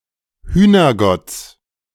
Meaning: genitive of Hühnergott
- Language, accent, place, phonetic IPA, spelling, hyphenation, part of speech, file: German, Germany, Berlin, [ˈhyːnɐˌɡɔt͡s], Hühnergotts, Hüh‧ner‧gotts, noun, De-Hühnergotts.ogg